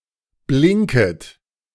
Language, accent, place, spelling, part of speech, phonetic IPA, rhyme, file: German, Germany, Berlin, blinket, verb, [ˈblɪŋkət], -ɪŋkət, De-blinket.ogg
- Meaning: second-person plural subjunctive I of blinken